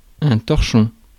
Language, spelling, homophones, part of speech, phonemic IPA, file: French, torchon, torchons, noun, /tɔʁ.ʃɔ̃/, Fr-torchon.ogg
- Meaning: tea towel